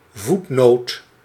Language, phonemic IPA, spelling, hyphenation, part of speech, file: Dutch, /ˈvut.noːt/, voetnoot, voet‧noot, noun, Nl-voetnoot.ogg
- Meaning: footnote